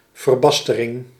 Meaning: 1. deterioration, degeneration 2. bastardization
- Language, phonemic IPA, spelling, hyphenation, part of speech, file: Dutch, /vərˈbɑstərɪŋ/, verbastering, ver‧bas‧te‧ring, noun, Nl-verbastering.ogg